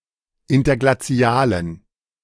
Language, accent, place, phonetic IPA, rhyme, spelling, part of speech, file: German, Germany, Berlin, [ˌɪntɐɡlaˈt͡si̯aːlən], -aːlən, interglazialen, adjective, De-interglazialen.ogg
- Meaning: inflection of interglazial: 1. strong genitive masculine/neuter singular 2. weak/mixed genitive/dative all-gender singular 3. strong/weak/mixed accusative masculine singular 4. strong dative plural